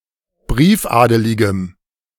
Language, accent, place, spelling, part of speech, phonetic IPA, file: German, Germany, Berlin, briefadeligem, adjective, [ˈbʁiːfˌʔaːdəlɪɡəm], De-briefadeligem.ogg
- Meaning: strong dative masculine/neuter singular of briefadelig